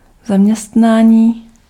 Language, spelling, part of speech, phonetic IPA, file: Czech, zaměstnání, noun, [ˈzamɲɛstnaːɲiː], Cs-zaměstnání.ogg
- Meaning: 1. verbal noun of zaměstnat 2. occupation, job, employment